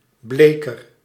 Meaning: a bleacher, one who bleaches fabrics, especially linens; the owner or operator of a bleaching business
- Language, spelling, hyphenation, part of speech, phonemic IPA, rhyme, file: Dutch, bleker, ble‧ker, noun, /ˈbleː.kər/, -eːkər, Nl-bleker.ogg